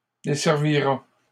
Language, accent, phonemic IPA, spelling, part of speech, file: French, Canada, /de.sɛʁ.vi.ʁa/, desservira, verb, LL-Q150 (fra)-desservira.wav
- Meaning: third-person singular simple future of desservir